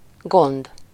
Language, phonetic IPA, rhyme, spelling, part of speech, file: Hungarian, [ˈɡond], -ond, gond, noun, Hu-gond.ogg
- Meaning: 1. care 2. trouble, anxiety, problem